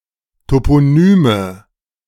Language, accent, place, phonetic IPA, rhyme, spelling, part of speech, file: German, Germany, Berlin, [ˌtopoˈnyːmə], -yːmə, Toponyme, noun, De-Toponyme.ogg
- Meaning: nominative/accusative/genitive plural of Toponym